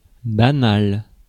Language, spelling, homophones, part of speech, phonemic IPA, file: French, banal, banale / banals / banales, adjective, /ba.nal/, Fr-banal.ogg
- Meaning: 1. owned by feudal lords 2. public, shared 3. banal, trite, commonplace